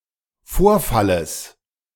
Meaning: genitive of Vorfall
- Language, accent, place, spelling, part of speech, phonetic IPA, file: German, Germany, Berlin, Vorfalles, noun, [ˈfoːɐ̯faləs], De-Vorfalles.ogg